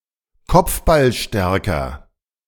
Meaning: comparative degree of kopfballstark
- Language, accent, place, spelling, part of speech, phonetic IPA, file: German, Germany, Berlin, kopfballstärker, adjective, [ˈkɔp͡fbalˌʃtɛʁkɐ], De-kopfballstärker.ogg